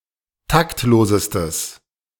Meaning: strong/mixed nominative/accusative neuter singular superlative degree of taktlos
- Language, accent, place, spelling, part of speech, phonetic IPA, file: German, Germany, Berlin, taktlosestes, adjective, [ˈtaktˌloːzəstəs], De-taktlosestes.ogg